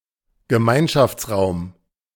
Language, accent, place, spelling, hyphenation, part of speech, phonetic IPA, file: German, Germany, Berlin, Gemeinschaftsraum, Ge‧mein‧schafts‧raum, noun, [ɡəˈmaɪ̯nʃaft͡sˌʁaʊ̯m], De-Gemeinschaftsraum.ogg
- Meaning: common room